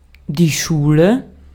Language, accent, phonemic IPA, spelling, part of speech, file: German, Austria, /ˈʃuːlə/, Schule, noun, De-at-Schule.ogg
- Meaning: school (an institution dedicated to teaching and learning (especially before university); department/institute at a college or university; art movement; followers of a particular doctrine)